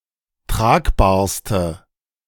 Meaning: inflection of tragbar: 1. strong/mixed nominative/accusative feminine singular superlative degree 2. strong nominative/accusative plural superlative degree
- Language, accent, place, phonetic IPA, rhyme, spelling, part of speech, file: German, Germany, Berlin, [ˈtʁaːkbaːɐ̯stə], -aːkbaːɐ̯stə, tragbarste, adjective, De-tragbarste.ogg